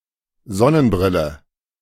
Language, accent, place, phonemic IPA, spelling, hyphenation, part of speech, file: German, Germany, Berlin, /ˈzɔ.nənˌbʁɪ.lə/, Sonnenbrille, Son‧nen‧bril‧le, noun, De-Sonnenbrille.ogg
- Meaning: sunglasses